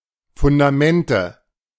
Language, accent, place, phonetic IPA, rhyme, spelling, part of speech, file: German, Germany, Berlin, [fʊndaˈmɛntə], -ɛntə, Fundamente, noun, De-Fundamente.ogg
- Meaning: nominative/accusative/genitive plural of Fundament